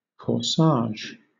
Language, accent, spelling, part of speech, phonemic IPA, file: English, Southern England, corsage, noun, /kɔːˈsɑːʒ/, LL-Q1860 (eng)-corsage.wav
- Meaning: 1. A small bouquet of flowers, originally worn attached to the bodice of a woman's dress 2. The waist or bodice of a woman's dress 3. The size or shape of a person's body